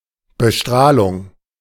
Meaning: irradiation, exposure
- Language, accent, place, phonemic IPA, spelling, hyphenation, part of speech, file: German, Germany, Berlin, /ˌbəˈʃtʁaːlʊŋ/, Bestrahlung, Be‧strah‧lung, noun, De-Bestrahlung.ogg